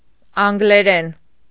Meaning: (noun) English (language); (adverb) in English; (adjective) English (of or pertaining to the language)
- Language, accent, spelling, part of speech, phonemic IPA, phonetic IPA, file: Armenian, Eastern Armenian, անգլերեն, noun / adverb / adjective, /ɑnɡleˈɾen/, [ɑŋɡleɾén], Hy-անգլերեն.ogg